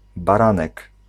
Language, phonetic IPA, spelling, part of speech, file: Polish, [baˈrãnɛk], baranek, noun, Pl-baranek.ogg